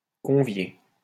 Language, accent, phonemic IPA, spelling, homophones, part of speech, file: French, France, /kɔ̃.vje/, convier, conviai / convié / conviée / conviées / conviés / conviez, verb, LL-Q150 (fra)-convier.wav
- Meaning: 1. to invite (someone to come somewhere) 2. to invite, suggest (someone to do something)